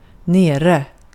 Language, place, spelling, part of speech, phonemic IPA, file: Swedish, Gotland, nere, adverb, /²neːrɛ/, Sv-nere.ogg
- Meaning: 1. down, below, downstairs, at the far end of 2. down, sad, depressed (of humans) 3. down, offline, not available (of computers and online services)